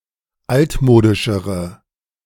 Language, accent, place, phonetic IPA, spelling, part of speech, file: German, Germany, Berlin, [ˈaltˌmoːdɪʃəʁə], altmodischere, adjective, De-altmodischere.ogg
- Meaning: inflection of altmodisch: 1. strong/mixed nominative/accusative feminine singular comparative degree 2. strong nominative/accusative plural comparative degree